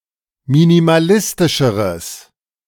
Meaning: strong/mixed nominative/accusative neuter singular comparative degree of minimalistisch
- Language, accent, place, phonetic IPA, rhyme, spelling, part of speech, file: German, Germany, Berlin, [minimaˈlɪstɪʃəʁəs], -ɪstɪʃəʁəs, minimalistischeres, adjective, De-minimalistischeres.ogg